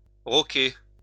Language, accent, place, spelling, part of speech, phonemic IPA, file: French, France, Lyon, roquer, verb, /ʁɔ.ke/, LL-Q150 (fra)-roquer.wav
- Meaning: to castle